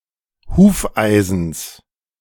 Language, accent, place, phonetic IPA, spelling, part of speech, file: German, Germany, Berlin, [ˈhuːfˌʔaɪ̯zn̩s], Hufeisens, noun, De-Hufeisens.ogg
- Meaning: genitive singular of Hufeisen